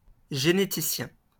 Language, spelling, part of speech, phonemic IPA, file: French, généticien, noun, /ʒe.ne.ti.sjɛ̃/, LL-Q150 (fra)-généticien.wav
- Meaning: geneticist